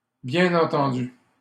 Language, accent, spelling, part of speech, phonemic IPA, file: French, Canada, bien entendu, adverb, /bjɛ̃.n‿ɑ̃.tɑ̃.dy/, LL-Q150 (fra)-bien entendu.wav
- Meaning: 1. well understood 2. of course, obviously